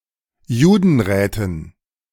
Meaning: dative plural of Judenrat
- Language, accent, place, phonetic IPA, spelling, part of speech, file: German, Germany, Berlin, [ˈjuːdn̩ˌʁɛːtn̩], Judenräten, noun, De-Judenräten.ogg